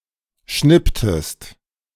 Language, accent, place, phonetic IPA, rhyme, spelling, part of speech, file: German, Germany, Berlin, [ˈʃnɪptəst], -ɪptəst, schnipptest, verb, De-schnipptest.ogg
- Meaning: inflection of schnippen: 1. second-person singular preterite 2. second-person singular subjunctive II